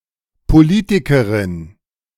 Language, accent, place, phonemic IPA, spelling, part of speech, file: German, Germany, Berlin, /poˈliːtɪkəʁɪn/, Politikerin, noun, De-Politikerin.ogg
- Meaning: female equivalent of Politiker (“politician”)